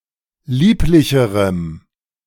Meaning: strong dative masculine/neuter singular comparative degree of lieblich
- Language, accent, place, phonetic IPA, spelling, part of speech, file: German, Germany, Berlin, [ˈliːplɪçəʁəm], lieblicherem, adjective, De-lieblicherem.ogg